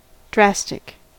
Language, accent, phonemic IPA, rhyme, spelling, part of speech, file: English, US, /ˈdɹæs.tɪk/, -æstɪk, drastic, adjective / noun, En-us-drastic.ogg
- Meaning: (adjective) 1. Having a strong or far-reaching effect; extreme, severe 2. Acting rapidly or violently; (noun) A powerful, fast-acting purgative medicine